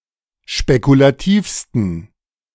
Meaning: 1. superlative degree of spekulativ 2. inflection of spekulativ: strong genitive masculine/neuter singular superlative degree
- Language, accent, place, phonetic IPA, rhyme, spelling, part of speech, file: German, Germany, Berlin, [ʃpekulaˈtiːfstn̩], -iːfstn̩, spekulativsten, adjective, De-spekulativsten.ogg